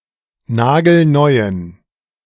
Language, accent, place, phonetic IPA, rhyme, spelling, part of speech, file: German, Germany, Berlin, [ˈnaːɡl̩ˈnɔɪ̯ən], -ɔɪ̯ən, nagelneuen, adjective, De-nagelneuen.ogg
- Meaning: inflection of nagelneu: 1. strong genitive masculine/neuter singular 2. weak/mixed genitive/dative all-gender singular 3. strong/weak/mixed accusative masculine singular 4. strong dative plural